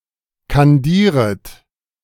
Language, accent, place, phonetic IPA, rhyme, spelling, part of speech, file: German, Germany, Berlin, [kanˈdiːʁət], -iːʁət, kandieret, verb, De-kandieret.ogg
- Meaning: second-person plural subjunctive I of kandieren